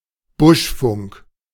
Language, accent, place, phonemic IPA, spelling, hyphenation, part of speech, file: German, Germany, Berlin, /ˈbʊʃˌfʊŋk/, Buschfunk, Busch‧funk, noun, De-Buschfunk.ogg
- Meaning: bush telegraph, gossip network, grapevine